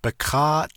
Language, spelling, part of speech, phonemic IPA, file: Navajo, bikááʼ, postposition, /pɪ̀kʰɑ́ːʔ/, Nv-bikááʼ.ogg
- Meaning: on it, on its surface